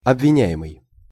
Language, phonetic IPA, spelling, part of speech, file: Russian, [ɐbvʲɪˈnʲæ(j)ɪmɨj], обвиняемый, verb / noun / adjective, Ru-обвиняемый.ogg
- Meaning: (verb) present passive imperfective participle of обвиня́ть (obvinjátʹ); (noun) accused (defendant); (adjective) accused, charged